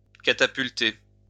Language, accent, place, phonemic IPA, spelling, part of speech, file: French, France, Lyon, /ka.ta.pyl.te/, catapulter, verb, LL-Q150 (fra)-catapulter.wav
- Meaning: to catapult